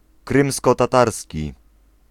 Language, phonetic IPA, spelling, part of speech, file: Polish, [ˌkrɨ̃mskɔtaˈtarsʲci], krymskotatarski, adjective / noun, Pl-krymskotatarski.ogg